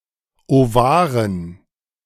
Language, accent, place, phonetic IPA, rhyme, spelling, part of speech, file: German, Germany, Berlin, [oˈvaːʁən], -aːʁən, Ovaren, noun, De-Ovaren.ogg
- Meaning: dative plural of Ovar